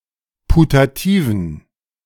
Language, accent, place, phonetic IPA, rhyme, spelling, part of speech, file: German, Germany, Berlin, [putaˈtiːvn̩], -iːvn̩, putativen, adjective, De-putativen.ogg
- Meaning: inflection of putativ: 1. strong genitive masculine/neuter singular 2. weak/mixed genitive/dative all-gender singular 3. strong/weak/mixed accusative masculine singular 4. strong dative plural